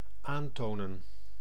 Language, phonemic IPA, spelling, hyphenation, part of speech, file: Dutch, /ˈaːntoːnə(n)/, aantonen, aan‧to‧nen, verb, Nl-aantonen.ogg
- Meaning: demonstrate, show, prove